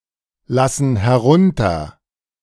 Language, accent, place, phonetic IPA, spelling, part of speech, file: German, Germany, Berlin, [ˌlasn̩ hɛˈʁʊntɐ], lassen herunter, verb, De-lassen herunter.ogg
- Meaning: inflection of herunterlassen: 1. first/third-person plural present 2. first/third-person plural subjunctive I